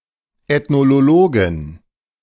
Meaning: 1. genitive singular of Ethnologe 2. plural of Ethnologe
- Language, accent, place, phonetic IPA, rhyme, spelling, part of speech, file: German, Germany, Berlin, [ɛtnoˈloːɡn̩], -oːɡn̩, Ethnologen, noun, De-Ethnologen.ogg